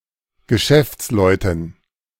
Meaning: dative plural of Geschäftsmann
- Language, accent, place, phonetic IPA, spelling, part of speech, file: German, Germany, Berlin, [ɡəˈʃɛft͡sˌlɔɪ̯tn̩], Geschäftsleuten, noun, De-Geschäftsleuten.ogg